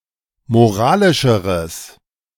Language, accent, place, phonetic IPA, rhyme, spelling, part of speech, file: German, Germany, Berlin, [moˈʁaːlɪʃəʁəs], -aːlɪʃəʁəs, moralischeres, adjective, De-moralischeres.ogg
- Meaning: strong/mixed nominative/accusative neuter singular comparative degree of moralisch